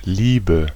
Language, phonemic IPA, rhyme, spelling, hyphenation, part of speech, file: German, /ˈliːbə/, -iːbə, Liebe, Lie‧be, noun, De-Liebe.ogg
- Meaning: 1. love (tender feeling of affection) 2. a feeling of love for someone or something particular 3. a love relationship 4. sex; sexual relations; sexual intercourse